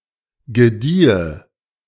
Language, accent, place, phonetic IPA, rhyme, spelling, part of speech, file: German, Germany, Berlin, [ɡəˈdiːə], -iːə, gediehe, verb, De-gediehe.ogg
- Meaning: first/third-person singular subjunctive II of gedeihen